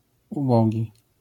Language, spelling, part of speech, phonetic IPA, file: Polish, ubogi, adjective / noun, [uˈbɔɟi], LL-Q809 (pol)-ubogi.wav